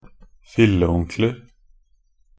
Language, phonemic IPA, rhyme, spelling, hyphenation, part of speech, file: Norwegian Bokmål, /fɪlːə.uŋklər/, -ər, filleonkler, fil‧le‧on‧kler, noun, Nb-filleonkler.ogg
- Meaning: indefinite plural of filleonkel